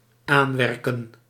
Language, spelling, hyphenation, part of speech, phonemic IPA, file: Dutch, aanwerken, aan‧wer‧ken, verb, /ˈaːnˌʋɛr.kə(n)/, Nl-aanwerken.ogg
- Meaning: 1. to obstruct, to make an effort 2. to rebuild, to replenish, to restore